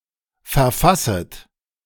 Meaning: second-person plural subjunctive I of verfassen
- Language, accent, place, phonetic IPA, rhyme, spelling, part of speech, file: German, Germany, Berlin, [fɛɐ̯ˈfasət], -asət, verfasset, verb, De-verfasset.ogg